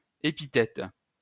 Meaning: Refers to a descriptive word or phrase that modifies a nominal element without an intervening verb.: 1. attributive adjective 2. noun adjunct
- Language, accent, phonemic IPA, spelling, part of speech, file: French, France, /e.pi.tɛt/, épithète, noun, LL-Q150 (fra)-épithète.wav